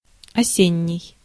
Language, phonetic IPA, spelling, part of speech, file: Russian, [ɐˈsʲenʲːɪj], осенний, adjective, Ru-осенний.ogg
- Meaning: 1. autumn 2. autumnal